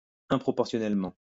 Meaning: disproportionally
- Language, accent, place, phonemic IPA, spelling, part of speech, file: French, France, Lyon, /ɛ̃.pʁɔ.pɔʁ.sjɔ.nɛl.mɑ̃/, improportionnellement, adverb, LL-Q150 (fra)-improportionnellement.wav